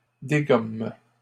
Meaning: third-person plural present indicative/subjunctive of dégommer
- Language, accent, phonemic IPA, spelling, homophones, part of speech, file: French, Canada, /de.ɡɔm/, dégomment, dégomme / dégommes, verb, LL-Q150 (fra)-dégomment.wav